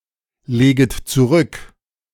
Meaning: second-person plural subjunctive I of zurücklegen
- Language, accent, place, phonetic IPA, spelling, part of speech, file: German, Germany, Berlin, [ˌleːɡət t͡suˈʁʏk], leget zurück, verb, De-leget zurück.ogg